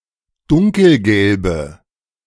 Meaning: inflection of dunkelgelb: 1. strong/mixed nominative/accusative feminine singular 2. strong nominative/accusative plural 3. weak nominative all-gender singular
- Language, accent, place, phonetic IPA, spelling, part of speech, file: German, Germany, Berlin, [ˈdʊŋkl̩ˌɡɛlbə], dunkelgelbe, adjective, De-dunkelgelbe.ogg